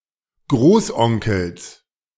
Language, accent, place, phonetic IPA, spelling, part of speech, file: German, Germany, Berlin, [ˈɡʁoːsˌʔɔŋkl̩s], Großonkels, noun, De-Großonkels.ogg
- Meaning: genitive singular of Großonkel